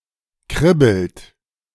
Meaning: inflection of kribbeln: 1. second-person plural present 2. third-person singular present 3. plural imperative
- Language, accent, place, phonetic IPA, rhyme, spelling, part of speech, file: German, Germany, Berlin, [ˈkʁɪbl̩t], -ɪbl̩t, kribbelt, verb, De-kribbelt.ogg